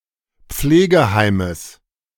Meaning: genitive singular of Pflegeheim
- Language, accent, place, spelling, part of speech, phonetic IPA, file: German, Germany, Berlin, Pflegeheimes, noun, [ˈp͡fleːɡəˌhaɪ̯məs], De-Pflegeheimes.ogg